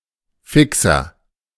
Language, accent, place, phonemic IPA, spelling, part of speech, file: German, Germany, Berlin, /ˈfɪksɐ/, Fixer, noun, De-Fixer.ogg
- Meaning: 1. junkie (drug user, especially of heroin) 2. one who is engaged in short selling